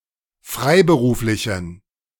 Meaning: inflection of freiberuflich: 1. strong genitive masculine/neuter singular 2. weak/mixed genitive/dative all-gender singular 3. strong/weak/mixed accusative masculine singular 4. strong dative plural
- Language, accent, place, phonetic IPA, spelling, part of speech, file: German, Germany, Berlin, [ˈfʁaɪ̯bəˌʁuːflɪçn̩], freiberuflichen, adjective, De-freiberuflichen.ogg